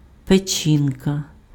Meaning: liver
- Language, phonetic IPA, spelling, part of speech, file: Ukrainian, [peˈt͡ʃʲinkɐ], печінка, noun, Uk-печінка.ogg